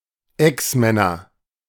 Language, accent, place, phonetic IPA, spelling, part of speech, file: German, Germany, Berlin, [ˈɛksˌmɛnɐ], Exmänner, noun, De-Exmänner.ogg
- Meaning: nominative/accusative/genitive plural of Exmann